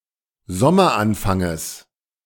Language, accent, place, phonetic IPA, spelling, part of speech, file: German, Germany, Berlin, [ˈzɔmɐˌʔanfaŋəs], Sommeranfanges, noun, De-Sommeranfanges.ogg
- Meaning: genitive singular of Sommeranfang